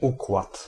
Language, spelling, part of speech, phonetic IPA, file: Polish, układ, noun, [ˈukwat], Pl-układ.ogg